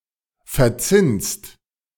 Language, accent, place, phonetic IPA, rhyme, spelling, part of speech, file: German, Germany, Berlin, [fɛɐ̯ˈt͡sɪnst], -ɪnst, verzinnst, verb, De-verzinnst.ogg
- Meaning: second-person singular present of verzinnen